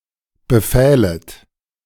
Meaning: second-person plural subjunctive II of befehlen
- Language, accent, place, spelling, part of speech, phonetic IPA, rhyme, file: German, Germany, Berlin, befählet, verb, [bəˈfɛːlət], -ɛːlət, De-befählet.ogg